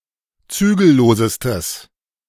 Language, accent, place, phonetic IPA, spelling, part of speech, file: German, Germany, Berlin, [ˈt͡syːɡl̩ˌloːzəstəs], zügellosestes, adjective, De-zügellosestes.ogg
- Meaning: strong/mixed nominative/accusative neuter singular superlative degree of zügellos